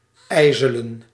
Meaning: to have black ice form
- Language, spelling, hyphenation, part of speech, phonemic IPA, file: Dutch, ijzelen, ij‧ze‧len, verb, /ˈɛi̯.zə.lə(n)/, Nl-ijzelen.ogg